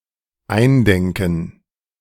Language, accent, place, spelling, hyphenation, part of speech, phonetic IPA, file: German, Germany, Berlin, eindenken, ein‧den‧ken, verb, [ˈaɪ̯nˌdɛŋkn̩], De-eindenken.ogg
- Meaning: to familiarize oneself